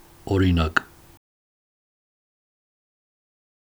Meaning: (noun) 1. example 2. copy 3. specimen, sample; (adverb) for example, for instance, e.g
- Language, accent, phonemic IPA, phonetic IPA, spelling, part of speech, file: Armenian, Eastern Armenian, /oɾiˈnɑk/, [oɾinɑ́k], օրինակ, noun / adverb, Hy-օրինակ.ogg